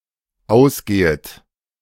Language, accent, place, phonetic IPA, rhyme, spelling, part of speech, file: German, Germany, Berlin, [ˈaʊ̯sˌɡeːət], -aʊ̯sɡeːət, ausgehet, verb, De-ausgehet.ogg
- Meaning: second-person plural dependent subjunctive I of ausgehen